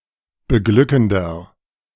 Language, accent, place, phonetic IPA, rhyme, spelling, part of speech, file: German, Germany, Berlin, [bəˈɡlʏkn̩dɐ], -ʏkn̩dɐ, beglückender, adjective, De-beglückender.ogg
- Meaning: 1. comparative degree of beglückend 2. inflection of beglückend: strong/mixed nominative masculine singular 3. inflection of beglückend: strong genitive/dative feminine singular